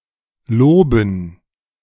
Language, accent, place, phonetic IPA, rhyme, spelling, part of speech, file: German, Germany, Berlin, [ˈloːbn̩], -oːbn̩, Loben, noun, De-Loben.ogg
- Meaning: dative plural of Lob